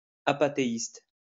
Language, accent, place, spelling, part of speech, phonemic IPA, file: French, France, Lyon, apathéiste, adjective / noun, /a.pa.te.ist/, LL-Q150 (fra)-apathéiste.wav
- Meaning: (adjective) apatheist